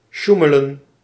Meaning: to cheat, to manipulate
- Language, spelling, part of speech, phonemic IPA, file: Dutch, sjoemelen, verb, /ˈʃu.mə.lə(n)/, Nl-sjoemelen.ogg